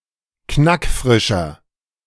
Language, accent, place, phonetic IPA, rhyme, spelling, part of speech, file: German, Germany, Berlin, [ˈknakˈfʁɪʃɐ], -ɪʃɐ, knackfrischer, adjective, De-knackfrischer.ogg
- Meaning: inflection of knackfrisch: 1. strong/mixed nominative masculine singular 2. strong genitive/dative feminine singular 3. strong genitive plural